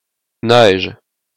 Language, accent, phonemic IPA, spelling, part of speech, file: French, Quebec, /nɛʒ/, neige, noun, Qc-neige.oga
- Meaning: 1. snow, crystalline frozen precipitation 2. cocaine, crack 3. snow, pattern of dots seen on an untuned television set